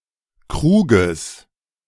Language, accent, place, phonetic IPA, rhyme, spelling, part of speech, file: German, Germany, Berlin, [ˈkʁuːɡəs], -uːɡəs, Kruges, noun, De-Kruges.ogg
- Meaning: genitive singular of Krug